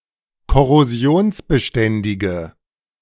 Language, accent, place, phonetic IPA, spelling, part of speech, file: German, Germany, Berlin, [kɔʁoˈzi̯oːnsbəˌʃtɛndɪɡə], korrosionsbeständige, adjective, De-korrosionsbeständige.ogg
- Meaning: inflection of korrosionsbeständig: 1. strong/mixed nominative/accusative feminine singular 2. strong nominative/accusative plural 3. weak nominative all-gender singular